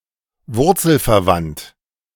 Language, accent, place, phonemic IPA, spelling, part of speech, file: German, Germany, Berlin, /ˈvʊʁtsl̩fɛɐ̯ˌvant/, wurzelverwandt, adjective, De-wurzelverwandt.ogg
- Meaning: cognate (having the same root)